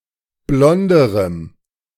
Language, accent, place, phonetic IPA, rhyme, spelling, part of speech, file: German, Germany, Berlin, [ˈblɔndəʁəm], -ɔndəʁəm, blonderem, adjective, De-blonderem.ogg
- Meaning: strong dative masculine/neuter singular comparative degree of blond